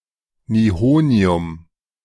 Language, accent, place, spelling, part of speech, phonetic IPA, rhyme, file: German, Germany, Berlin, Nihonium, noun, [niˈhoːni̯ʊm], -oːni̯ʊm, De-Nihonium.ogg
- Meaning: nihonium